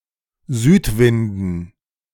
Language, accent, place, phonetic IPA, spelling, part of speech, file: German, Germany, Berlin, [ˈzyːtˌvɪndn̩], Südwinden, noun, De-Südwinden.ogg
- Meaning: dative plural of Südwind